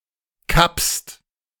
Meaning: second-person singular present of kappen
- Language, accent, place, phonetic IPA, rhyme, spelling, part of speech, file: German, Germany, Berlin, [kapst], -apst, kappst, verb, De-kappst.ogg